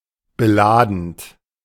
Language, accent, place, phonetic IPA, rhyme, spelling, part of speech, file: German, Germany, Berlin, [bəˈlaːdn̩t], -aːdn̩t, beladend, verb, De-beladend.ogg
- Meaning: present participle of beladen